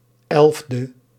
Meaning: abbreviation of elfde (“eleventh”); 11th
- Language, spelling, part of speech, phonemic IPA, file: Dutch, 11e, adjective, /ˈɛlᵊvdə/, Nl-11e.ogg